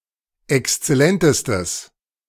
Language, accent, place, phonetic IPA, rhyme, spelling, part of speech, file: German, Germany, Berlin, [ɛkst͡sɛˈlɛntəstəs], -ɛntəstəs, exzellentestes, adjective, De-exzellentestes.ogg
- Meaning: strong/mixed nominative/accusative neuter singular superlative degree of exzellent